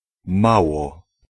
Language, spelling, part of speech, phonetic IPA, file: Polish, mało, numeral / adverb, [ˈmawɔ], Pl-mało.ogg